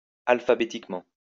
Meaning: alphabetically
- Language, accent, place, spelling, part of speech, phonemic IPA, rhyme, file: French, France, Lyon, alphabétiquement, adverb, /al.fa.be.tik.mɑ̃/, -ɑ̃, LL-Q150 (fra)-alphabétiquement.wav